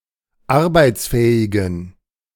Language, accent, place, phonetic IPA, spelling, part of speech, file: German, Germany, Berlin, [ˈaʁbaɪ̯t͡sˌfɛːɪɡn̩], arbeitsfähigen, adjective, De-arbeitsfähigen.ogg
- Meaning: inflection of arbeitsfähig: 1. strong genitive masculine/neuter singular 2. weak/mixed genitive/dative all-gender singular 3. strong/weak/mixed accusative masculine singular 4. strong dative plural